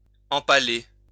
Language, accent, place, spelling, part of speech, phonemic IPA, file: French, France, Lyon, empaler, verb, /ɑ̃.pa.le/, LL-Q150 (fra)-empaler.wav
- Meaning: to impale